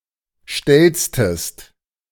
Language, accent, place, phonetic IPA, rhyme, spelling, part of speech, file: German, Germany, Berlin, [ˈʃtɛmtəst], -ɛmtəst, stemmtest, verb, De-stemmtest.ogg
- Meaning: inflection of stemmen: 1. second-person singular preterite 2. second-person singular subjunctive II